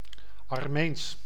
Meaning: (adjective) Armenian; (proper noun) Armenian (language)
- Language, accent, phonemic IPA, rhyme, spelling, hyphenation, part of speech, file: Dutch, Netherlands, /ɑrˈmeːns/, -eːns, Armeens, Ar‧meens, adjective / proper noun, Nl-Armeens.ogg